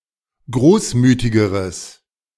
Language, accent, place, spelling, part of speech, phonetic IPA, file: German, Germany, Berlin, großmütigeres, adjective, [ˈɡʁoːsˌmyːtɪɡəʁəs], De-großmütigeres.ogg
- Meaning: strong/mixed nominative/accusative neuter singular comparative degree of großmütig